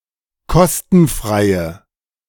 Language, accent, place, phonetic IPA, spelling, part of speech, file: German, Germany, Berlin, [ˈkɔstn̩ˌfʁaɪ̯ə], kostenfreie, adjective, De-kostenfreie.ogg
- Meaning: inflection of kostenfrei: 1. strong/mixed nominative/accusative feminine singular 2. strong nominative/accusative plural 3. weak nominative all-gender singular